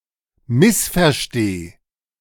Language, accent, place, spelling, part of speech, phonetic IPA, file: German, Germany, Berlin, missversteh, verb, [ˈmɪsfɛɐ̯ˌʃteː], De-missversteh.ogg
- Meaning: singular imperative of missverstehen